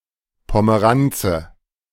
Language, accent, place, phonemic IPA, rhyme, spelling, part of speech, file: German, Germany, Berlin, /pɔməˈʁant͡sə/, -antsə, Pomeranze, noun, De-Pomeranze.ogg
- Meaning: 1. bitter orange 2. a girl, by extension also any person, from the countryside or from a small town, who is unfamiliar with and easily impressed by city dwellers’ lifestyle